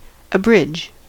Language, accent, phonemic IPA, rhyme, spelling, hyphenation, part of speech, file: English, US, /əˈbɹɪd͡ʒ/, -ɪdʒ, abridge, a‧bridge, verb, En-us-abridge.ogg
- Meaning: 1. To deprive; to cut off 2. To debar from 3. To make shorter; to shorten in duration or extent 4. To shorten or contract by using fewer words, yet retaining the sense; to epitomize; to condense